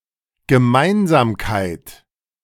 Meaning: 1. common ground 2. commonality, commonness, similarity, thing in common, common feature, shared characteristic
- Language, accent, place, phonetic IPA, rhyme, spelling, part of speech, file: German, Germany, Berlin, [ɡəˈmaɪ̯nzaːmkaɪ̯t], -aɪ̯nzaːmkaɪ̯t, Gemeinsamkeit, noun, De-Gemeinsamkeit.ogg